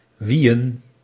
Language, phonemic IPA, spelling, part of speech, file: Dutch, /ˈʋi.ə(n)/, wiiën, verb, Nl-wiiën.ogg
- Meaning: to play on a Nintendo Wii